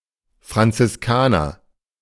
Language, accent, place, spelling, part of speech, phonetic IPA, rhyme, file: German, Germany, Berlin, Franziskaner, noun, [fʁant͡sɪsˈkaːnɐ], -aːnɐ, De-Franziskaner.ogg
- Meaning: Franciscan